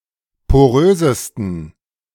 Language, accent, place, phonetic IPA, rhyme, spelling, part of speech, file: German, Germany, Berlin, [poˈʁøːzəstn̩], -øːzəstn̩, porösesten, adjective, De-porösesten.ogg
- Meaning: 1. superlative degree of porös 2. inflection of porös: strong genitive masculine/neuter singular superlative degree